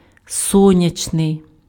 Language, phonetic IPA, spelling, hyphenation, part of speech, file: Ukrainian, [ˈsɔnʲɐt͡ʃnei̯], сонячний, со‧ня‧чний, adjective, Uk-сонячний.ogg
- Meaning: 1. sunny 2. sun (beam, light, ray etc.) 3. solar